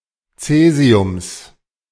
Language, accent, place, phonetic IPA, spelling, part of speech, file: German, Germany, Berlin, [ˈt͡sɛːzi̯ʊms], Caesiums, noun, De-Caesiums.ogg
- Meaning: genitive singular of Caesium